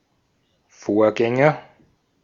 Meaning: predecessor (someone or something, that precedes)
- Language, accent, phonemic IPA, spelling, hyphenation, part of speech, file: German, Austria, /ˈfoːɐ̯ˌɡɛŋɐ/, Vorgänger, Vor‧gän‧ger, noun, De-at-Vorgänger.ogg